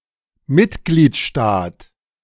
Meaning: member state
- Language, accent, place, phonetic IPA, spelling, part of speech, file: German, Germany, Berlin, [ˈmɪtɡliːtˌʃtaːt], Mitgliedstaat, noun, De-Mitgliedstaat.ogg